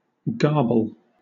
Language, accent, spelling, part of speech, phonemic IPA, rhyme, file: English, Southern England, garble, verb / noun, /ˈɡɑː(ɹ)bəl/, -ɑː(ɹ)bəl, LL-Q1860 (eng)-garble.wav
- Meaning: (verb) 1. To pick out such parts (of a text) as may serve a purpose not intended by the original author; to mutilate; to pervert 2. To make false by mutilation or addition